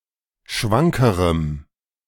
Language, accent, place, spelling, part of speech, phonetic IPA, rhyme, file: German, Germany, Berlin, schwankerem, adjective, [ˈʃvaŋkəʁəm], -aŋkəʁəm, De-schwankerem.ogg
- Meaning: strong dative masculine/neuter singular comparative degree of schwank